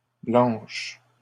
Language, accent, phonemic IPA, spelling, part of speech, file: French, Canada, /blɑ̃ʃ/, blanches, adjective, LL-Q150 (fra)-blanches.wav
- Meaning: feminine plural of blanc